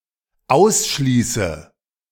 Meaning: inflection of ausschließen: 1. first-person singular dependent present 2. first/third-person singular dependent subjunctive I
- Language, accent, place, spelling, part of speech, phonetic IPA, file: German, Germany, Berlin, ausschließe, verb, [ˈaʊ̯sˌʃliːsə], De-ausschließe.ogg